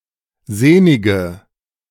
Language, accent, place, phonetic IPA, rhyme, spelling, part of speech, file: German, Germany, Berlin, [ˈzeːnɪɡə], -eːnɪɡə, sehnige, adjective, De-sehnige.ogg
- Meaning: inflection of sehnig: 1. strong/mixed nominative/accusative feminine singular 2. strong nominative/accusative plural 3. weak nominative all-gender singular 4. weak accusative feminine/neuter singular